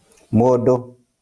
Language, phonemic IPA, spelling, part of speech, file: Kikuyu, /mòⁿdò(ꜜ)/, mũndũ, noun, LL-Q33587 (kik)-mũndũ.wav
- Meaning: 1. human being, man 2. person